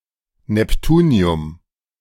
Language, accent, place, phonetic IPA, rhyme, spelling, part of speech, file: German, Germany, Berlin, [nɛpˈtuːni̯ʊm], -uːni̯ʊm, Neptunium, noun, De-Neptunium.ogg
- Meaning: neptunium